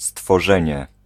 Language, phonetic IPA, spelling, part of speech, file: Polish, [stfɔˈʒɛ̃ɲɛ], stworzenie, noun, Pl-stworzenie.ogg